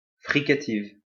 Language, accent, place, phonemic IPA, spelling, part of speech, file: French, France, Lyon, /fʁi.ka.tiv/, fricative, noun / adjective, LL-Q150 (fra)-fricative.wav
- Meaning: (noun) fricative; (adjective) feminine singular of fricatif